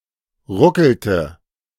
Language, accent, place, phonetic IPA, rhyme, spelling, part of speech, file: German, Germany, Berlin, [ˈʁʊkl̩tə], -ʊkl̩tə, ruckelte, verb, De-ruckelte.ogg
- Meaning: inflection of ruckeln: 1. first/third-person singular preterite 2. first/third-person singular subjunctive II